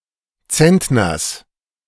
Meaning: genitive singular of Zentner
- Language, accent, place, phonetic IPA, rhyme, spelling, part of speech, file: German, Germany, Berlin, [ˈt͡sɛntnɐs], -ɛntnɐs, Zentners, noun, De-Zentners.ogg